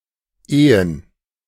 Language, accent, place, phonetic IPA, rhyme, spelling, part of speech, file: German, Germany, Berlin, [ˈeːən], -eːən, Ehen, noun, De-Ehen.ogg
- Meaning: plural of Ehe